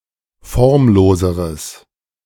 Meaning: strong/mixed nominative/accusative neuter singular comparative degree of formlos
- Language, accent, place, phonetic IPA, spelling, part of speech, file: German, Germany, Berlin, [ˈfɔʁmˌloːzəʁəs], formloseres, adjective, De-formloseres.ogg